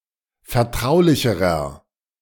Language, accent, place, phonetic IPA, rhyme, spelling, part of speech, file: German, Germany, Berlin, [fɛɐ̯ˈtʁaʊ̯lɪçəʁɐ], -aʊ̯lɪçəʁɐ, vertraulicherer, adjective, De-vertraulicherer.ogg
- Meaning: inflection of vertraulich: 1. strong/mixed nominative masculine singular comparative degree 2. strong genitive/dative feminine singular comparative degree 3. strong genitive plural comparative degree